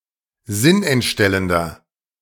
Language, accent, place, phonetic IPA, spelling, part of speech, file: German, Germany, Berlin, [ˈzɪnʔɛntˌʃtɛləndɐ], sinnentstellender, adjective, De-sinnentstellender.ogg
- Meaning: 1. comparative degree of sinnentstellend 2. inflection of sinnentstellend: strong/mixed nominative masculine singular 3. inflection of sinnentstellend: strong genitive/dative feminine singular